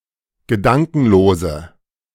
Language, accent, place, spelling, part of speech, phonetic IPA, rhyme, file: German, Germany, Berlin, gedankenlose, adjective, [ɡəˈdaŋkn̩loːzə], -aŋkn̩loːzə, De-gedankenlose.ogg
- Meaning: inflection of gedankenlos: 1. strong/mixed nominative/accusative feminine singular 2. strong nominative/accusative plural 3. weak nominative all-gender singular